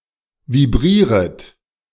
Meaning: second-person plural subjunctive I of vibrieren
- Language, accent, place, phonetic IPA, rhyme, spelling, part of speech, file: German, Germany, Berlin, [viˈbʁiːʁət], -iːʁət, vibrieret, verb, De-vibrieret.ogg